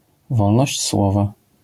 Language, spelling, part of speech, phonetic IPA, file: Polish, wolność słowa, noun, [ˈvɔlnɔɕt͡ɕ ˈswɔva], LL-Q809 (pol)-wolność słowa.wav